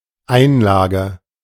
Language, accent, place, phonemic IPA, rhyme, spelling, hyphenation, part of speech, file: German, Germany, Berlin, /ˈaɪ̯nˌlaːɡə/, -aːɡə, Einlage, Ein‧la‧ge, noun, De-Einlage.ogg
- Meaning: 1. insert, insertion, inlay 2. insert, insole 3. garnish 4. pad 5. interlude, intermezzo 6. deposit 7. share, investment